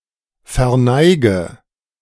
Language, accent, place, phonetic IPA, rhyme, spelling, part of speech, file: German, Germany, Berlin, [fɛɐ̯ˈnaɪ̯ɡə], -aɪ̯ɡə, verneige, verb, De-verneige.ogg
- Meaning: inflection of verneigen: 1. first-person singular present 2. first/third-person singular subjunctive I 3. singular imperative